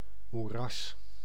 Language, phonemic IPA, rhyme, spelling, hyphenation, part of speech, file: Dutch, /muˈrɑs/, -ɑs, moeras, moe‧ras, noun, Nl-moeras.ogg
- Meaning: swamp, morass